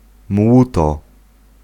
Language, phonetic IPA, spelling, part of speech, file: Polish, [ˈmwutɔ], młóto, noun, Pl-młóto.ogg